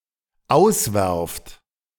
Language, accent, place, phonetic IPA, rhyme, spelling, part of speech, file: German, Germany, Berlin, [ˈaʊ̯sˌvɛʁft], -aʊ̯svɛʁft, auswerft, verb, De-auswerft.ogg
- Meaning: second-person plural dependent present of auswerfen